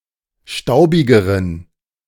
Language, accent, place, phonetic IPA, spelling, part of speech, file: German, Germany, Berlin, [ˈʃtaʊ̯bɪɡəʁən], staubigeren, adjective, De-staubigeren.ogg
- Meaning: inflection of staubig: 1. strong genitive masculine/neuter singular comparative degree 2. weak/mixed genitive/dative all-gender singular comparative degree